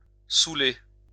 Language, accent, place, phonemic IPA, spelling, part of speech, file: French, France, Lyon, /su.le/, soûler, verb, LL-Q150 (fra)-soûler.wav
- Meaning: Pre-1990 spelling of souler